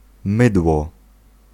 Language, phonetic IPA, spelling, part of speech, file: Polish, [ˈmɨdwɔ], mydło, noun, Pl-mydło.ogg